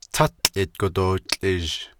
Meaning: green, algae green
- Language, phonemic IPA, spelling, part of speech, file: Navajo, /tʰɑ́t͡ɬʼɪ̀tkò tòːt͡ɬʼɪ̀ʒ/, tátłʼidgo dootłʼizh, noun, Nv-tátłʼidgo dootłʼizh.ogg